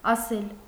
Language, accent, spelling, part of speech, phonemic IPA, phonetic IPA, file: Armenian, Eastern Armenian, ասել, verb, /ɑˈsel/, [ɑsél], Hy-ասել.ogg
- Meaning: 1. to say 2. to tell 3. to indicate, to point 4. to order, to command 5. to ask 6. to answer